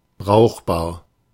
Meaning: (adjective) 1. useful, handy 2. usable 3. quite good, decent (not bad) 4. practicable, working 5. sound; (adverb) quite well
- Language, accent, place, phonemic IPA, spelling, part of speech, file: German, Germany, Berlin, /ˈbʁaʊ̯χbaːɐ̯/, brauchbar, adjective / adverb, De-brauchbar.ogg